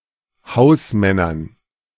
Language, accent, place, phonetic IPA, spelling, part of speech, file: German, Germany, Berlin, [ˈhaʊ̯sˌmɛnɐn], Hausmännern, noun, De-Hausmännern.ogg
- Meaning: dative plural of Hausmann